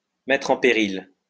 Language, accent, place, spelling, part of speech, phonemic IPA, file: French, France, Lyon, mettre en péril, verb, /mɛtʁ ɑ̃ pe.ʁil/, LL-Q150 (fra)-mettre en péril.wav
- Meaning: to put in danger, to jeopardize, to endanger, to imperil